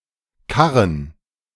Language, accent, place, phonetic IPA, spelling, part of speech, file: German, Germany, Berlin, [ˈkaʁən], karren, verb, De-karren.ogg
- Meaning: to wheelbarrow